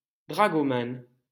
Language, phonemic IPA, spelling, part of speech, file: French, /dʁa.ɡɔ.mɑ̃/, dragoman, noun, LL-Q150 (fra)-dragoman.wav
- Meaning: dragoman